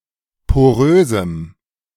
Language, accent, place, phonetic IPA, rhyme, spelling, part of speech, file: German, Germany, Berlin, [poˈʁøːzm̩], -øːzm̩, porösem, adjective, De-porösem.ogg
- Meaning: strong dative masculine/neuter singular of porös